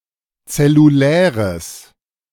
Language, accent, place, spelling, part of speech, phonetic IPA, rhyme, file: German, Germany, Berlin, zelluläres, adjective, [t͡sɛluˈlɛːʁəs], -ɛːʁəs, De-zelluläres.ogg
- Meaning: strong/mixed nominative/accusative neuter singular of zellulär